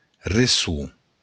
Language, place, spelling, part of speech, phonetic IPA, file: Occitan, Béarn, resson, noun, [reˈsu], LL-Q14185 (oci)-resson.wav
- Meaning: echo